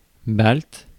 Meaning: Baltic
- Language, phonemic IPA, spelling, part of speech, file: French, /balt/, balte, adjective, Fr-balte.ogg